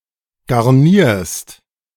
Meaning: second-person singular present of garnieren
- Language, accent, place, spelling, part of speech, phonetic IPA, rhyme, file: German, Germany, Berlin, garnierst, verb, [ɡaʁˈniːɐ̯st], -iːɐ̯st, De-garnierst.ogg